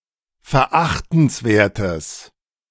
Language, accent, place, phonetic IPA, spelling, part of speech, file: German, Germany, Berlin, [fɛɐ̯ˈʔaxtn̩sˌveːɐ̯təs], verachtenswertes, adjective, De-verachtenswertes.ogg
- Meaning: strong/mixed nominative/accusative neuter singular of verachtenswert